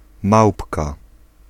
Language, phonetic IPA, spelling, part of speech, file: Polish, [ˈmawpka], małpka, noun, Pl-małpka.ogg